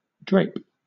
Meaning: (noun) 1. A curtain; a drapery 2. The way in which fabric falls or hangs
- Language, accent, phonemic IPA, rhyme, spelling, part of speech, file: English, Southern England, /dɹeɪp/, -eɪp, drape, noun / verb, LL-Q1860 (eng)-drape.wav